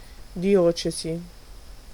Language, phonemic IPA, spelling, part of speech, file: Italian, /diˈɔt͡ʃez/, diocesi, noun, It-diocesi.ogg